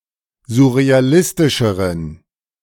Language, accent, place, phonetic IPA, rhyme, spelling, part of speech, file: German, Germany, Berlin, [zʊʁeaˈlɪstɪʃəʁən], -ɪstɪʃəʁən, surrealistischeren, adjective, De-surrealistischeren.ogg
- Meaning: inflection of surrealistisch: 1. strong genitive masculine/neuter singular comparative degree 2. weak/mixed genitive/dative all-gender singular comparative degree